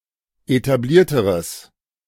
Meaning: strong/mixed nominative/accusative neuter singular comparative degree of etabliert
- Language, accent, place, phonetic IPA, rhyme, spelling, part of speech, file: German, Germany, Berlin, [etaˈbliːɐ̯təʁəs], -iːɐ̯təʁəs, etablierteres, adjective, De-etablierteres.ogg